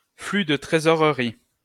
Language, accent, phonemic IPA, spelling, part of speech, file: French, France, /fly də tʁe.zɔ.ʁə.ʁi/, flux de trésorerie, noun, LL-Q150 (fra)-flux de trésorerie.wav
- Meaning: cash flow